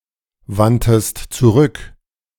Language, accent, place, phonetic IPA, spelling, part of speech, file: German, Germany, Berlin, [ˌvantəst t͡suˈʁʏk], wandtest zurück, verb, De-wandtest zurück.ogg
- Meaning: 1. first-person singular preterite of zurückwenden 2. third-person singular preterite of zurückwenden# second-person singular preterite of zurückwenden